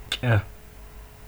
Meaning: 1. tail 2. seed 3. dick (penis)
- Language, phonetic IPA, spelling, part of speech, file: Adyghe, [kʼa], кӏэ, noun, Кӏьэ.ogg